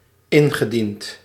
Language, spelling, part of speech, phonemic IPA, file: Dutch, ingediend, verb, /ˈɪŋɣəˌdint/, Nl-ingediend.ogg
- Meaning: past participle of indienen